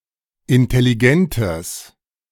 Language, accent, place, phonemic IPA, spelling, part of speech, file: German, Germany, Berlin, /ʔɪntɛliˈɡɛntəs/, intelligentes, adjective, De-intelligentes.ogg
- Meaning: strong/mixed nominative/accusative neuter singular of intelligent